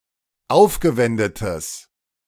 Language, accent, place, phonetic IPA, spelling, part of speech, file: German, Germany, Berlin, [ˈaʊ̯fɡəˌvɛndətəs], aufgewendetes, adjective, De-aufgewendetes.ogg
- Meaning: strong/mixed nominative/accusative neuter singular of aufgewendet